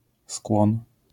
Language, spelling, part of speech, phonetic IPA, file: Polish, skłon, noun, [skwɔ̃n], LL-Q809 (pol)-skłon.wav